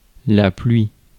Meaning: 1. rain 2. loads of things
- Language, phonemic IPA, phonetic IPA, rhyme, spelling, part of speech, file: French, /plɥi/, [plwi], -i, pluie, noun, Fr-pluie.ogg